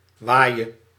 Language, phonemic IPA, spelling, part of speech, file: Dutch, /ˈʋajə/, waaie, verb, Nl-waaie.ogg
- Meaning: singular present subjunctive of waaien